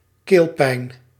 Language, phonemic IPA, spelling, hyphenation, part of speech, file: Dutch, /ˈkeːl.pɛi̯n/, keelpijn, keel‧pijn, noun, Nl-keelpijn.ogg
- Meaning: a sore throat